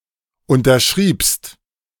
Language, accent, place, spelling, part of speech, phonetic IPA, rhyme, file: German, Germany, Berlin, unterschriebst, verb, [ˌʊntɐˈʃʁiːpst], -iːpst, De-unterschriebst.ogg
- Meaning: second-person singular preterite of unterschreiben